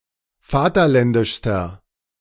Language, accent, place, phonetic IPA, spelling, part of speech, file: German, Germany, Berlin, [ˈfaːtɐˌlɛndɪʃstɐ], vaterländischster, adjective, De-vaterländischster.ogg
- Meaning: inflection of vaterländisch: 1. strong/mixed nominative masculine singular superlative degree 2. strong genitive/dative feminine singular superlative degree